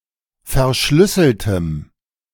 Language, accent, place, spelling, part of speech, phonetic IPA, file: German, Germany, Berlin, verschlüsseltem, adjective, [fɛɐ̯ˈʃlʏsl̩təm], De-verschlüsseltem.ogg
- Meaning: strong dative masculine/neuter singular of verschlüsselt